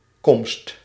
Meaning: arrival
- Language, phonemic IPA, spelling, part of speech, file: Dutch, /kɔmst/, komst, noun, Nl-komst.ogg